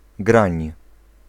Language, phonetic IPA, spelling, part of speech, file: Polish, [ɡrãɲ], grań, noun, Pl-grań.ogg